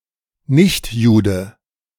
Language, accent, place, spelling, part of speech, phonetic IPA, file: German, Germany, Berlin, Nichtjude, noun, [ˈnɪçtˌjuːdə], De-Nichtjude.ogg
- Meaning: a Gentile, a non-Jew, a goy